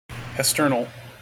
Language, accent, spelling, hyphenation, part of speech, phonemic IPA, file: English, General American, hesternal, hes‧tern‧al, adjective, /hɛsˈtɝn(ə)l/, En-us-hesternal.mp3
- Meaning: Of or pertaining to yesterday